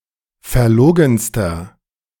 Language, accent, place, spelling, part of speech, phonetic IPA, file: German, Germany, Berlin, verlogenster, adjective, [fɛɐ̯ˈloːɡn̩stɐ], De-verlogenster.ogg
- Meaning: inflection of verlogen: 1. strong/mixed nominative masculine singular superlative degree 2. strong genitive/dative feminine singular superlative degree 3. strong genitive plural superlative degree